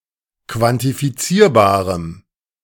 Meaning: strong dative masculine/neuter singular of quantifizierbar
- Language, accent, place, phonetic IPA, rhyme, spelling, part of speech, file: German, Germany, Berlin, [kvantifiˈt͡siːɐ̯baːʁəm], -iːɐ̯baːʁəm, quantifizierbarem, adjective, De-quantifizierbarem.ogg